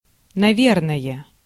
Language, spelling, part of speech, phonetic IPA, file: Russian, наверное, adverb, [nɐˈvʲernəjə], Ru-наверное.ogg
- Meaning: 1. probably, most likely 2. for sure, certainly, for certain